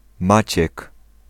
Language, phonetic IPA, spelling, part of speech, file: Polish, [ˈmat͡ɕɛk], Maciek, proper noun, Pl-Maciek.ogg